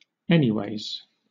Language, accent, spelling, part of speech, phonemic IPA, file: English, Southern England, anyways, adverb, /ˈɛn.iˌweɪz/, LL-Q1860 (eng)-anyways.wav
- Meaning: 1. In any way or respect, at all 2. Anyway, anyhow, in any case